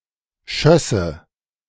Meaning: first/third-person singular subjunctive II of schießen
- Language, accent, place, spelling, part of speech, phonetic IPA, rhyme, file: German, Germany, Berlin, schösse, verb, [ˈʃœsə], -œsə, De-schösse.ogg